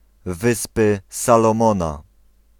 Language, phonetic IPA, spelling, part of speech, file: Polish, [ˈvɨspɨ ˌsalɔ̃ˈmɔ̃na], Wyspy Salomona, proper noun, Pl-Wyspy Salomona.ogg